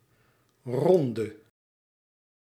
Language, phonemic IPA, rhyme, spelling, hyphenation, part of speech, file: Dutch, /ˈrɔndə/, -ɔndə, ronde, ron‧de, noun / adjective, Nl-ronde.ogg
- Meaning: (noun) 1. round, iteration 2. tour, stage race 3. lap, tour 4. a watch (shift or round of standing guard); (adjective) inflection of rond: masculine/feminine singular attributive